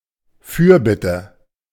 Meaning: intercession (prayer on behalf of others)
- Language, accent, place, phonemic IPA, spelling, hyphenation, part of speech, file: German, Germany, Berlin, /ˈfyːɐ̯ˌbɪtə/, Fürbitte, Für‧bit‧te, noun, De-Fürbitte.ogg